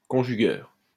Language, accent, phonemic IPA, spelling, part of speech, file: French, France, /kɔ̃.ʒy.ɡœʁ/, conjugueur, noun, LL-Q150 (fra)-conjugueur.wav
- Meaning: conjugator